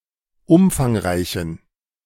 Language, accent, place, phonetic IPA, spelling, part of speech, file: German, Germany, Berlin, [ˈʊmfaŋˌʁaɪ̯çn̩], umfangreichen, adjective, De-umfangreichen.ogg
- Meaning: inflection of umfangreich: 1. strong genitive masculine/neuter singular 2. weak/mixed genitive/dative all-gender singular 3. strong/weak/mixed accusative masculine singular 4. strong dative plural